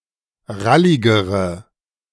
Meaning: inflection of rallig: 1. strong/mixed nominative/accusative feminine singular comparative degree 2. strong nominative/accusative plural comparative degree
- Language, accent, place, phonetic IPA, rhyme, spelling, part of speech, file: German, Germany, Berlin, [ˈʁalɪɡəʁə], -alɪɡəʁə, ralligere, adjective, De-ralligere.ogg